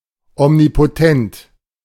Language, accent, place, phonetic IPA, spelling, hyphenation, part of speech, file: German, Germany, Berlin, [ɔmnipoˈtɛnt], omnipotent, om‧ni‧po‧tent, adjective, De-omnipotent.ogg
- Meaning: omnipotent